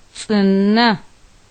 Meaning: wet
- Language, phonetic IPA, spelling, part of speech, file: Adyghe, [tsʼəna], цӏынэ, adjective, T͡səna.ogg